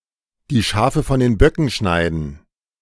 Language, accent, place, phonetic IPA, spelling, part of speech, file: German, Germany, Berlin, [diː ˌʃaːfə fɔn deːn ˈbɶkən ʃaɪ̯dən], die Schafe von den Böcken scheiden, verb, De-die Schafe von den Böcken scheiden.ogg
- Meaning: to separate the sheep from the goats